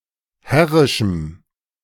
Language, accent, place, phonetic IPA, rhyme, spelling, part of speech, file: German, Germany, Berlin, [ˈhɛʁɪʃm̩], -ɛʁɪʃm̩, herrischem, adjective, De-herrischem.ogg
- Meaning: strong dative masculine/neuter singular of herrisch